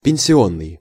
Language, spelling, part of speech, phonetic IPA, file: Russian, пенсионный, adjective, [pʲɪn⁽ʲ⁾sʲɪˈonːɨj], Ru-пенсионный.ogg
- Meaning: pension; pensionary